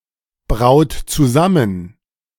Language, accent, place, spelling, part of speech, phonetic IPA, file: German, Germany, Berlin, braut zusammen, verb, [ˌbʁaʊ̯t t͡suˈzamən], De-braut zusammen.ogg
- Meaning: inflection of zusammenbrauen: 1. third-person singular present 2. second-person plural present 3. plural imperative